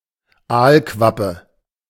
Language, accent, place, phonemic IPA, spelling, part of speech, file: German, Germany, Berlin, /ˈaːlˌkvapə/, Aalquappe, noun, De-Aalquappe.ogg
- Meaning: 1. burbot (Lota lota) 2. eelpout (Zoarces viviparus)